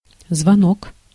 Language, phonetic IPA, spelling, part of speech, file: Russian, [zvɐˈnok], звонок, noun, Ru-звонок.ogg
- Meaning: 1. bell (signaling device such as a bicycle bell) 2. bell (an audible signal such as a school bell) 3. ring, call (a telephone call or telephone conversation)